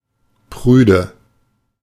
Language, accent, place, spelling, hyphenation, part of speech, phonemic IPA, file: German, Germany, Berlin, prüde, prü‧de, adjective, /ˈpʁyːdə/, De-prüde.ogg
- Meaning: prudish